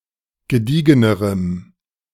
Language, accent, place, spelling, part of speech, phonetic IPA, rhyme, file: German, Germany, Berlin, gediegenerem, adjective, [ɡəˈdiːɡənəʁəm], -iːɡənəʁəm, De-gediegenerem.ogg
- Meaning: strong dative masculine/neuter singular comparative degree of gediegen